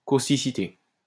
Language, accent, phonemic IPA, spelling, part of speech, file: French, France, /kos.ti.si.te/, causticité, noun, LL-Q150 (fra)-causticité.wav
- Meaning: 1. causticity 2. pungency